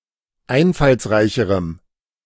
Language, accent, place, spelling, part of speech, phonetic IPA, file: German, Germany, Berlin, einfallsreicherem, adjective, [ˈaɪ̯nfalsˌʁaɪ̯çəʁəm], De-einfallsreicherem.ogg
- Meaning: strong dative masculine/neuter singular comparative degree of einfallsreich